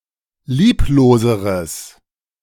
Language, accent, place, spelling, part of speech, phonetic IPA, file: German, Germany, Berlin, liebloseres, adjective, [ˈliːploːzəʁəs], De-liebloseres.ogg
- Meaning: strong/mixed nominative/accusative neuter singular comparative degree of lieblos